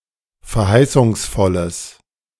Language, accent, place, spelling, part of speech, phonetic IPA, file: German, Germany, Berlin, verheißungsvolles, adjective, [fɛɐ̯ˈhaɪ̯sʊŋsˌfɔləs], De-verheißungsvolles.ogg
- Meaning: strong/mixed nominative/accusative neuter singular of verheißungsvoll